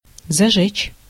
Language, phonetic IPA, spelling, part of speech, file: Russian, [zɐˈʐɛt͡ɕ], зажечь, verb, Ru-зажечь.ogg
- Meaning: to set fire, to light, to kindle, to inflame, to ignite, to turn on (headlights)